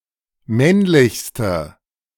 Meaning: inflection of männlich: 1. strong/mixed nominative/accusative feminine singular superlative degree 2. strong nominative/accusative plural superlative degree
- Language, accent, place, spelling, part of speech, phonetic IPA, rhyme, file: German, Germany, Berlin, männlichste, adjective, [ˈmɛnlɪçstə], -ɛnlɪçstə, De-männlichste.ogg